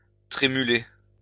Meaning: 1. to tremble, to shake 2. to shake
- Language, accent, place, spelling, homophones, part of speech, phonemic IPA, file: French, France, Lyon, trémuler, trémulai / trémulé / trémulée / trémulées / trémulés / trémulez, verb, /tʁe.my.le/, LL-Q150 (fra)-trémuler.wav